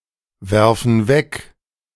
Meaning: inflection of wegwerfen: 1. first/third-person plural present 2. first/third-person plural subjunctive I
- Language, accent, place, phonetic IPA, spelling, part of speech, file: German, Germany, Berlin, [ˌvɛʁfn̩ ˈvɛk], werfen weg, verb, De-werfen weg.ogg